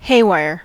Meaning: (noun) Wire used to bind bales of hay; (adjective) Roughly-made, unsophisticated, decrepit (from the use of haywire for temporary repairs)
- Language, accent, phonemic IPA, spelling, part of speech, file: English, US, /ˈheɪ.waɪɚ/, haywire, noun / adjective / verb, En-us-haywire.ogg